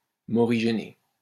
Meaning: to chide
- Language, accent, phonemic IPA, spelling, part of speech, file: French, France, /mɔ.ʁi.ʒe.ne/, morigéner, verb, LL-Q150 (fra)-morigéner.wav